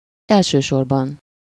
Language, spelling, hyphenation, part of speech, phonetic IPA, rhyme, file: Hungarian, elsősorban, el‧ső‧sor‧ban, adverb, [ˈɛlʃøːʃorbɒn], -ɒn, Hu-elsősorban.ogg
- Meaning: primarily, mainly, first of all, above all